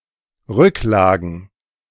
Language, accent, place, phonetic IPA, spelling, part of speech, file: German, Germany, Berlin, [ˈʁʏkˌlaːɡn̩], Rücklagen, noun, De-Rücklagen.ogg
- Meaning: plural of Rücklage